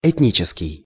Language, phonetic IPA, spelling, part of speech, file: Russian, [ɪtʲˈnʲit͡ɕɪskʲɪj], этнический, adjective, Ru-этнический.ogg
- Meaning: ethnic